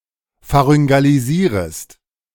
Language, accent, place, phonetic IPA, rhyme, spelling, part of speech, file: German, Germany, Berlin, [faʁʏŋɡaliˈziːʁəst], -iːʁəst, pharyngalisierest, verb, De-pharyngalisierest.ogg
- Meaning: second-person singular subjunctive I of pharyngalisieren